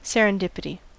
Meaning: The phenomenon of making an unplanned, fortunate discovery through a combination of unexpected circumstances and insightful recognition
- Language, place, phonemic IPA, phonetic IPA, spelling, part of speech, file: English, California, /ˌsɛɹ.ənˈdɪp.ɪ.ti/, [ˌsɛɹ.ənˈdɪp.ɪ.ɾi], serendipity, noun, En-us-serendipity.ogg